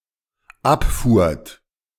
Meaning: second-person plural dependent preterite of abfahren
- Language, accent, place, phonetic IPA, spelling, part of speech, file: German, Germany, Berlin, [ˈapˌfuːɐ̯t], abfuhrt, verb, De-abfuhrt.ogg